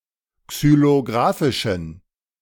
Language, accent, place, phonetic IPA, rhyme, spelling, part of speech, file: German, Germany, Berlin, [ksyloˈɡʁaːfɪʃn̩], -aːfɪʃn̩, xylographischen, adjective, De-xylographischen.ogg
- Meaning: inflection of xylographisch: 1. strong genitive masculine/neuter singular 2. weak/mixed genitive/dative all-gender singular 3. strong/weak/mixed accusative masculine singular 4. strong dative plural